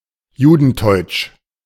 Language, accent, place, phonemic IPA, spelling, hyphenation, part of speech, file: German, Germany, Berlin, /ˈjuːdn̩ˌtɔʏ̯t͡ʃ/, judenteutsch, ju‧den‧teutsch, adjective, De-judenteutsch.ogg
- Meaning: of an early form of Yiddish still linguistically very close to German